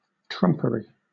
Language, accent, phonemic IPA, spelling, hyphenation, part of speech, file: English, Southern England, /ˈtɹʌmpəɹi/, trumpery, trump‧ery, noun / adjective, LL-Q1860 (eng)-trumpery.wav
- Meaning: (noun) 1. Worthless finery; bric-a-brac or junk 2. Nonsense 3. Deceit; fraud; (adjective) Gaudy but worthless